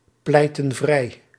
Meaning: inflection of vrijpleiten: 1. plural past indicative 2. plural past subjunctive
- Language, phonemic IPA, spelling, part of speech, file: Dutch, /ˈplɛitə(n) ˈvrɛi/, pleitten vrij, verb, Nl-pleitten vrij.ogg